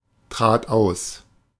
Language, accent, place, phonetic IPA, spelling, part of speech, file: German, Germany, Berlin, [ˌtʁaːt ˈaʊ̯s], trat aus, verb, De-trat aus.ogg
- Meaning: first/third-person singular preterite of austreten